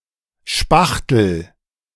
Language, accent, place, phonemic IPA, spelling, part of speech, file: German, Germany, Berlin, /ˈʃpaxtəl/, Spachtel, noun, De-Spachtel.ogg
- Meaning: spattle; palette knife